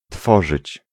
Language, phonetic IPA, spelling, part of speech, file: Polish, [ˈtfɔʒɨt͡ɕ], tworzyć, verb, Pl-tworzyć.ogg